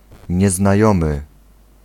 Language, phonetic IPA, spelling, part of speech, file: Polish, [ˌɲɛznaˈjɔ̃mɨ], nieznajomy, adjective / noun, Pl-nieznajomy.ogg